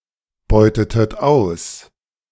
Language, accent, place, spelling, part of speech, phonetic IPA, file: German, Germany, Berlin, beutetet aus, verb, [ˌbɔɪ̯tətət ˈaʊ̯s], De-beutetet aus.ogg
- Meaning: inflection of ausbeuten: 1. second-person plural preterite 2. second-person plural subjunctive II